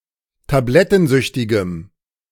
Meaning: strong dative masculine/neuter singular of tablettensüchtig
- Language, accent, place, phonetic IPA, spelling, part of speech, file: German, Germany, Berlin, [taˈblɛtn̩ˌzʏçtɪɡəm], tablettensüchtigem, adjective, De-tablettensüchtigem.ogg